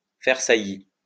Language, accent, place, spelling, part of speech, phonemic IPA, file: French, France, Lyon, faire saillie, verb, /fɛʁ sa.ji/, LL-Q150 (fra)-faire saillie.wav
- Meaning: to protrude, to stick out